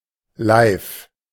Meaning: live (as it happens, in real time, directly; of broadcasts)
- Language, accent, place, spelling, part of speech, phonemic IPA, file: German, Germany, Berlin, live, adverb, /laɪ̯f/, De-live.ogg